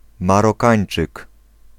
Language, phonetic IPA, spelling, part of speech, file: Polish, [ˌmarɔˈkãj̃n͇t͡ʃɨk], Marokańczyk, noun, Pl-Marokańczyk.ogg